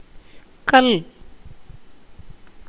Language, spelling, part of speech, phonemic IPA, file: Tamil, கல், noun / verb, /kɐl/, Ta-கல்.ogg
- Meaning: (noun) 1. stone (substance); rock 2. boulder, crag 3. hill, mountain; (verb) to learn, study